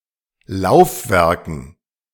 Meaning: dative plural of Laufwerk
- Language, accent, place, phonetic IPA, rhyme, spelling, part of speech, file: German, Germany, Berlin, [ˈlaʊ̯fˌvɛʁkn̩], -aʊ̯fvɛʁkn̩, Laufwerken, noun, De-Laufwerken.ogg